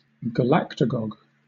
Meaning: A substance that induces lactation
- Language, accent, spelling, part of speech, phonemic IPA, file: English, Southern England, galactagogue, noun, /ɡəˈlæk.tə.ɡɒɡ/, LL-Q1860 (eng)-galactagogue.wav